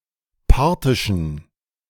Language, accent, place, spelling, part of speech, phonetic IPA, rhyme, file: German, Germany, Berlin, parthischen, adjective, [ˈpaʁtɪʃn̩], -aʁtɪʃn̩, De-parthischen.ogg
- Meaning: inflection of parthisch: 1. strong genitive masculine/neuter singular 2. weak/mixed genitive/dative all-gender singular 3. strong/weak/mixed accusative masculine singular 4. strong dative plural